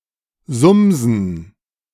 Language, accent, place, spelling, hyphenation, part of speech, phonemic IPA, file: German, Germany, Berlin, sumsen, sum‧sen, verb, /ˈzʊmzn̩/, De-sumsen.ogg
- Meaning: to buzz